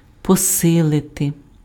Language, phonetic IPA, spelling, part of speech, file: Ukrainian, [pɔˈsɪɫete], посилити, verb, Uk-посилити.ogg
- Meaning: 1. to strengthen, to make stronger 2. to intensify